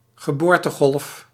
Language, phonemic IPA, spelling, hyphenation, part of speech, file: Dutch, /ɣəˈboːr.təˌɣɔlf/, geboortegolf, ge‧boor‧te‧golf, noun, Nl-geboortegolf.ogg
- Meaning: a baby boom